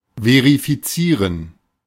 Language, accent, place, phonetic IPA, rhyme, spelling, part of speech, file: German, Germany, Berlin, [ˌveʁifiˈt͡siːʁən], -iːʁən, verifizieren, verb, De-verifizieren.ogg
- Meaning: to verify